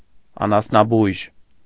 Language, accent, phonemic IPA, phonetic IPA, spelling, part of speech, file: Armenian, Eastern Armenian, /ɑnɑsnɑˈbujʒ/, [ɑnɑsnɑbújʒ], անասնաբույժ, noun, Hy-անասնաբույժ.ogg
- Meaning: veterinarian